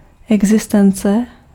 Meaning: existence
- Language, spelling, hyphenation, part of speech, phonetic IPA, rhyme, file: Czech, existence, exi‧s‧ten‧ce, noun, [ˈɛɡzɪstɛnt͡sɛ], -ɛntsɛ, Cs-existence.ogg